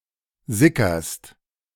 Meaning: second-person singular present of sickern
- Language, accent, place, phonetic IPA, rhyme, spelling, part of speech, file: German, Germany, Berlin, [ˈzɪkɐst], -ɪkɐst, sickerst, verb, De-sickerst.ogg